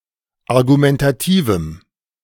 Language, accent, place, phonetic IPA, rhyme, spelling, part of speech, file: German, Germany, Berlin, [aʁɡumɛntaˈtiːvm̩], -iːvm̩, argumentativem, adjective, De-argumentativem.ogg
- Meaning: strong dative masculine/neuter singular of argumentativ